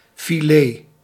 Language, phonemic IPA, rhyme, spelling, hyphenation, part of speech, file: Dutch, /fiˈleː/, -eː, filet, fi‧let, noun, Nl-filet1.ogg
- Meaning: filet (compact piece of meat or fish)